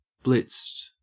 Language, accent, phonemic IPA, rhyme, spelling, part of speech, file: English, Australia, /blɪtst/, -ɪtst, blitzed, verb / adjective, En-au-blitzed.ogg
- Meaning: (verb) simple past and past participle of blitz; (adjective) Drunk; wasted